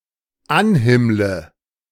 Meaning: inflection of anhimmeln: 1. first-person singular dependent present 2. first/third-person singular dependent subjunctive I
- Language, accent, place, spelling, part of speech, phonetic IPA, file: German, Germany, Berlin, anhimmle, verb, [ˈanˌhɪmlə], De-anhimmle.ogg